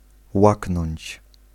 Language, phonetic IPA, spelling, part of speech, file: Polish, [ˈwaknɔ̃ɲt͡ɕ], łaknąć, verb, Pl-łaknąć.ogg